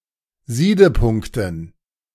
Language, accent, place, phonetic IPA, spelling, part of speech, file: German, Germany, Berlin, [ˈziːdəˌpʊŋktn̩], Siedepunkten, noun, De-Siedepunkten.ogg
- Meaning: dative plural of Siedepunkt